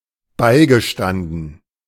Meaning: past participle of beistehen
- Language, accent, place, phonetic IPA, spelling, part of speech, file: German, Germany, Berlin, [ˈbaɪ̯ɡəˌʃtandn̩], beigestanden, verb, De-beigestanden.ogg